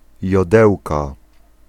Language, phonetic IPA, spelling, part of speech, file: Polish, [jɔˈdɛwka], jodełka, noun, Pl-jodełka.ogg